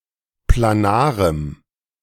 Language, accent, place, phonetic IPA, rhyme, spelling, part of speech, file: German, Germany, Berlin, [plaˈnaːʁəm], -aːʁəm, planarem, adjective, De-planarem.ogg
- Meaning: strong dative masculine/neuter singular of planar